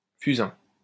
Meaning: 1. spindle tree 2. charcoal 3. charcoal drawing
- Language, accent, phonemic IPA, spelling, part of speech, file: French, France, /fy.zɛ̃/, fusain, noun, LL-Q150 (fra)-fusain.wav